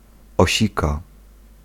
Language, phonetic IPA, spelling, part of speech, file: Polish, [ɔˈɕika], osika, noun / verb, Pl-osika.ogg